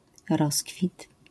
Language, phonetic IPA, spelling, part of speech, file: Polish, [ˈrɔskfʲit], rozkwit, noun, LL-Q809 (pol)-rozkwit.wav